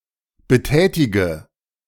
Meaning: inflection of betätigen: 1. first-person singular present 2. first/third-person singular subjunctive I 3. singular imperative
- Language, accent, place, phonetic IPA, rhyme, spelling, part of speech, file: German, Germany, Berlin, [bəˈtɛːtɪɡə], -ɛːtɪɡə, betätige, verb, De-betätige.ogg